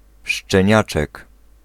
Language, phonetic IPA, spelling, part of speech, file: Polish, [ʃt͡ʃɛ̃ˈɲat͡ʃɛk], szczeniaczek, noun, Pl-szczeniaczek.ogg